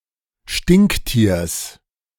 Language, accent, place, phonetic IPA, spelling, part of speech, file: German, Germany, Berlin, [ˈʃtɪŋkˌtiːɐ̯s], Stinktiers, noun, De-Stinktiers.ogg
- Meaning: genitive singular of Stinktier